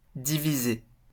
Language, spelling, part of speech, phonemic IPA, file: French, divisé, verb, /di.vi.ze/, LL-Q150 (fra)-divisé.wav
- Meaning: past participle of diviser